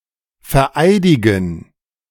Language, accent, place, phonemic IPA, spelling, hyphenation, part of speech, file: German, Germany, Berlin, /fɛɐ̯ˈʔaɪ̯dɪɡn̩/, vereidigen, ver‧ei‧di‧gen, verb, De-vereidigen.ogg
- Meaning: to swear in